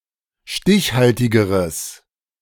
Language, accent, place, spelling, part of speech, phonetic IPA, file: German, Germany, Berlin, stichhaltigeres, adjective, [ˈʃtɪçˌhaltɪɡəʁəs], De-stichhaltigeres.ogg
- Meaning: strong/mixed nominative/accusative neuter singular comparative degree of stichhaltig